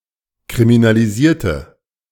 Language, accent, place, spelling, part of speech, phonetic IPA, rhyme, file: German, Germany, Berlin, kriminalisierte, adjective / verb, [kʁiminaliˈziːɐ̯tə], -iːɐ̯tə, De-kriminalisierte.ogg
- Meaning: inflection of kriminalisieren: 1. first/third-person singular preterite 2. first/third-person singular subjunctive II